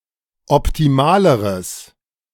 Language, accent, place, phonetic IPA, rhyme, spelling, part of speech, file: German, Germany, Berlin, [ɔptiˈmaːləʁəs], -aːləʁəs, optimaleres, adjective, De-optimaleres.ogg
- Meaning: strong/mixed nominative/accusative neuter singular comparative degree of optimal